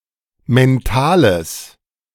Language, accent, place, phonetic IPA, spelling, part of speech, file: German, Germany, Berlin, [mɛnˈtaːləs], mentales, adjective, De-mentales.ogg
- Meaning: strong/mixed nominative/accusative neuter singular of mental